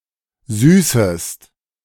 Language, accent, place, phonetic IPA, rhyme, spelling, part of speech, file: German, Germany, Berlin, [ˈzyːsəst], -yːsəst, süßest, verb, De-süßest.ogg
- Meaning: second-person singular subjunctive I of süßen